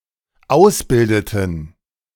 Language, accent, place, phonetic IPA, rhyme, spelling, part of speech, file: German, Germany, Berlin, [ˈaʊ̯sˌbɪldətn̩], -aʊ̯sbɪldətn̩, ausbildeten, verb, De-ausbildeten.ogg
- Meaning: inflection of ausbilden: 1. first/third-person plural dependent preterite 2. first/third-person plural dependent subjunctive II